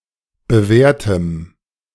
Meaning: strong dative masculine/neuter singular of bewährt
- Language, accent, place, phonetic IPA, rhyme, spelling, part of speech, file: German, Germany, Berlin, [bəˈvɛːɐ̯təm], -ɛːɐ̯təm, bewährtem, adjective, De-bewährtem.ogg